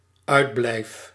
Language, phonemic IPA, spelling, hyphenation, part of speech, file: Dutch, /ˈœy̯dˌblɛi̯f/, uitblijf, uit‧blijf, verb, Nl-uitblijf.ogg
- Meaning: first-person singular dependent-clause present indicative of uitblijven